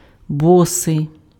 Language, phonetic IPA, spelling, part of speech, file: Ukrainian, [ˈbɔsei̯], босий, adjective, Uk-босий.ogg
- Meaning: barefoot, barefooted